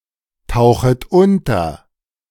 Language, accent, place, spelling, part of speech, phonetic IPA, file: German, Germany, Berlin, tauchet unter, verb, [ˌtaʊ̯xət ˈʊntɐ], De-tauchet unter.ogg
- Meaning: second-person plural subjunctive I of untertauchen